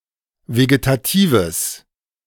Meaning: strong/mixed nominative/accusative neuter singular of vegetativ
- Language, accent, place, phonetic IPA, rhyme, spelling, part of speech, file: German, Germany, Berlin, [veɡetaˈtiːvəs], -iːvəs, vegetatives, adjective, De-vegetatives.ogg